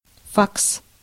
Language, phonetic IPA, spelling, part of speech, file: Russian, [faks], факс, noun, Ru-факс.ogg
- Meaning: fax